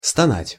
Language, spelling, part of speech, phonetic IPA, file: Russian, стонать, verb, [stɐˈnatʲ], Ru-стонать.ogg
- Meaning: 1. to groan, to moan 2. to suffer, to languish